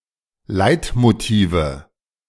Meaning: nominative/accusative/genitive plural of Leitmotiv
- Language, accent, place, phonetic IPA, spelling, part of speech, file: German, Germany, Berlin, [ˈlaɪ̯tmoˌtiːvə], Leitmotive, noun, De-Leitmotive.ogg